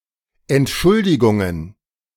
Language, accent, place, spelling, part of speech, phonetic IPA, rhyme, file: German, Germany, Berlin, Entschuldigungen, noun, [ɛntˈʃʊldɪɡʊŋən], -ʊldɪɡʊŋən, De-Entschuldigungen.ogg
- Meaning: plural of Entschuldigung